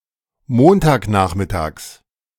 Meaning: genitive of Montagnachmittag
- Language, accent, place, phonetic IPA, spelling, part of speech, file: German, Germany, Berlin, [ˈmoːntaːkˌnaːxmɪtaːks], Montagnachmittags, noun, De-Montagnachmittags.ogg